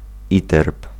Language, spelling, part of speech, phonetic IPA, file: Polish, iterb, noun, [ˈitɛrp], Pl-iterb.ogg